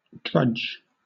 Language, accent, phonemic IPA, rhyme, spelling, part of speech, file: English, Southern England, /dɹʌd͡ʒ/, -ʌdʒ, drudge, noun / verb, LL-Q1860 (eng)-drudge.wav
- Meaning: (noun) 1. A person who works in a low servile job 2. Someone who works for (and may be taken advantage of by) someone else; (verb) To labour in (or as in) a low servile job